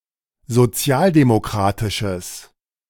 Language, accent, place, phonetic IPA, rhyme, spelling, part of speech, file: German, Germany, Berlin, [zoˈt͡si̯aːldemoˌkʁaːtɪʃəs], -aːldemokʁaːtɪʃəs, sozialdemokratisches, adjective, De-sozialdemokratisches.ogg
- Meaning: strong/mixed nominative/accusative neuter singular of sozialdemokratisch